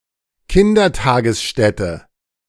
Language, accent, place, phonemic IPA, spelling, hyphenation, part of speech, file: German, Germany, Berlin, /ˌkɪndɐˈtaːɡəsˌʃtɛtə/, Kindertagesstätte, Kin‧der‧ta‧ges‧stät‧te, noun, De-Kindertagesstätte.ogg
- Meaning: day care center; nursery school; kindergarten (for preschool children)